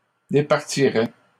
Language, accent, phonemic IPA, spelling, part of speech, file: French, Canada, /de.paʁ.ti.ʁɛ/, départiraient, verb, LL-Q150 (fra)-départiraient.wav
- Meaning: third-person plural conditional of départir